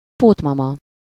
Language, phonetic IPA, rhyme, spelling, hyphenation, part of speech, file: Hungarian, [ˈpoːtmɒmɒ], -mɒ, pótmama, pót‧ma‧ma, noun, Hu-pótmama.ogg
- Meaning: babysitter